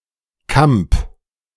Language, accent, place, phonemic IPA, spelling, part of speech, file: German, Germany, Berlin, /kamp/, Kamp, noun, De-Kamp.ogg
- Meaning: piece of land; field; grassland